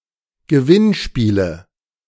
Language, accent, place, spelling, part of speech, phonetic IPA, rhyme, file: German, Germany, Berlin, Gewinnspiele, noun, [ɡəˈvɪnˌʃpiːlə], -ɪnʃpiːlə, De-Gewinnspiele.ogg
- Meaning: nominative/accusative/genitive plural of Gewinnspiel